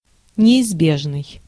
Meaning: 1. inevitable, unavoidable, inescapable 2. usual, commonly used
- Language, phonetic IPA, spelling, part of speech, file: Russian, [nʲɪɪzˈbʲeʐnɨj], неизбежный, adjective, Ru-неизбежный.ogg